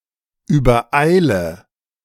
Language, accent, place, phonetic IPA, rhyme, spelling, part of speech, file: German, Germany, Berlin, [yːbɐˈʔaɪ̯lə], -aɪ̯lə, übereile, verb, De-übereile.ogg
- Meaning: inflection of übereilen: 1. first-person singular present 2. first/third-person singular subjunctive I 3. singular imperative